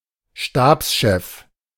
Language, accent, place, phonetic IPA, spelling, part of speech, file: German, Germany, Berlin, [ˈʃtaːpsˌʃɛf], Stabschef, noun, De-Stabschef.ogg
- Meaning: chief of staff